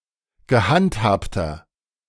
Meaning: inflection of gehandhabt: 1. strong/mixed nominative masculine singular 2. strong genitive/dative feminine singular 3. strong genitive plural
- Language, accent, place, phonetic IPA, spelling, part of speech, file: German, Germany, Berlin, [ɡəˈhantˌhaːptɐ], gehandhabter, adjective, De-gehandhabter.ogg